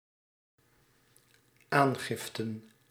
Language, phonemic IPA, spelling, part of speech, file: Dutch, /ˈaŋɣɪftə(n)/, aangiften, noun, Nl-aangiften.ogg
- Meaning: plural of aangifte